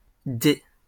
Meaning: plural of dé
- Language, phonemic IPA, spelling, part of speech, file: French, /de/, dés, noun, LL-Q150 (fra)-dés.wav